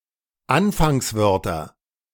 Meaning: nominative/accusative/genitive plural of Anfangswort
- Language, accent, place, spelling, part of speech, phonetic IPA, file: German, Germany, Berlin, Anfangswörter, noun, [ˈanfaŋsˌvœʁtɐ], De-Anfangswörter.ogg